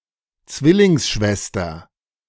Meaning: twin sister
- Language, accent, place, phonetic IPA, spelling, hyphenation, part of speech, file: German, Germany, Berlin, [ˈt͡svɪlɪŋsˌʃvɛstɐ], Zwillingsschwester, Zwil‧lings‧schwes‧ter, noun, De-Zwillingsschwester.ogg